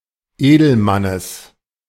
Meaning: genitive of Edelmann
- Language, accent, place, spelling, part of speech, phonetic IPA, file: German, Germany, Berlin, Edelmannes, noun, [ˈeːdl̩ˌmanəs], De-Edelmannes.ogg